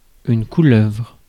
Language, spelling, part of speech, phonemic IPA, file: French, couleuvre, noun, /ku.lœvʁ/, Fr-couleuvre.ogg
- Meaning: 1. serpent 2. grass snake, garter snake